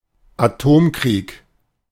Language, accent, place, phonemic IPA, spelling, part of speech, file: German, Germany, Berlin, /aˈtoːmkriːk/, Atomkrieg, noun, De-Atomkrieg.ogg
- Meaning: nuclear war